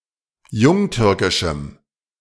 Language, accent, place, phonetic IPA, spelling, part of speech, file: German, Germany, Berlin, [ˈjʊŋˌtʏʁkɪʃm̩], jungtürkischem, adjective, De-jungtürkischem.ogg
- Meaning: strong dative masculine/neuter singular of jungtürkisch